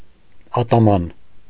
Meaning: ataman (Cossack chieftain)
- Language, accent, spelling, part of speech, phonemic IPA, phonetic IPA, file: Armenian, Eastern Armenian, ատաման, noun, /ɑtɑˈmɑn/, [ɑtɑmɑ́n], Hy-ատաման.ogg